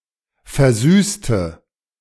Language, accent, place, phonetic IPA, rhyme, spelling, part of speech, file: German, Germany, Berlin, [fɛɐ̯ˈzyːstə], -yːstə, versüßte, adjective / verb, De-versüßte.ogg
- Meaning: inflection of versüßen: 1. first/third-person singular preterite 2. first/third-person singular subjunctive II